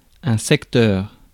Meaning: 1. circular sector (part of a circle, extending to the center) 2. sector (field of economic activity) 3. area, vicinity
- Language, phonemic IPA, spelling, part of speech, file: French, /sɛk.tœʁ/, secteur, noun, Fr-secteur.ogg